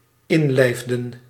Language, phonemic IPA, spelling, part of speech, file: Dutch, /ˈɪnlɛɪfdə(n)/, inlijfden, verb, Nl-inlijfden.ogg
- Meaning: inflection of inlijven: 1. plural dependent-clause past indicative 2. plural dependent-clause past subjunctive